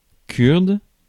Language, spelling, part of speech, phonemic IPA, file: French, kurde, adjective / noun, /kyʁd/, Fr-kurde.ogg
- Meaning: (adjective) Kurdish; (noun) Kurdish (language of Kurdistan)